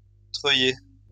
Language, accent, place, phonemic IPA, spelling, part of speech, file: French, France, Lyon, /tʁœ.je/, treuiller, verb, LL-Q150 (fra)-treuiller.wav
- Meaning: to winch